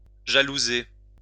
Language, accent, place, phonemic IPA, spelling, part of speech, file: French, France, Lyon, /ʒa.lu.ze/, jalouser, verb, LL-Q150 (fra)-jalouser.wav
- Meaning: to be jealous of; to envy